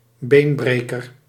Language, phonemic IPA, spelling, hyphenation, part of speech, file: Dutch, /ˈbeːnˌbreː.kər/, beenbreker, been‧bre‧ker, noun, Nl-beenbreker.ogg
- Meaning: synonym of zeearend (“white-tailed eagle (Haliaeetus albicilla)”)